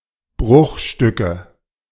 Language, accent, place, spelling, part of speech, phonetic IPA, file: German, Germany, Berlin, Bruchstücke, noun, [ˈbʁʊxˌʃtʏkə], De-Bruchstücke.ogg
- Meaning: nominative/accusative/genitive plural of Bruchstück